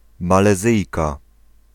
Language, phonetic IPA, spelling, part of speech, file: Polish, [ˌmalɛˈzɨjka], Malezyjka, noun, Pl-Malezyjka.ogg